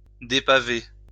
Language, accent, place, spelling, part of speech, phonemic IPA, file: French, France, Lyon, dépaver, verb, /de.pa.ve/, LL-Q150 (fra)-dépaver.wav
- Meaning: to remove the cobblestones from a road; to unpave, to depave